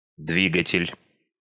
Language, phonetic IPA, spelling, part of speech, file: Russian, [ˈdvʲiɡətʲɪlʲ], двигатель, noun, Ru-двигатель.ogg
- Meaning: engine, motor